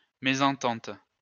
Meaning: disagreement; discord
- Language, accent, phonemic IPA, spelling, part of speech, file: French, France, /me.zɑ̃.tɑ̃t/, mésentente, noun, LL-Q150 (fra)-mésentente.wav